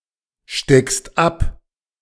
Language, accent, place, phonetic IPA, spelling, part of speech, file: German, Germany, Berlin, [ˌʃtɛkst ˈap], steckst ab, verb, De-steckst ab.ogg
- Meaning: second-person singular present of abstecken